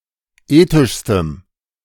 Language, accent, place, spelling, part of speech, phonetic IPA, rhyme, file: German, Germany, Berlin, ethischstem, adjective, [ˈeːtɪʃstəm], -eːtɪʃstəm, De-ethischstem.ogg
- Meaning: strong dative masculine/neuter singular superlative degree of ethisch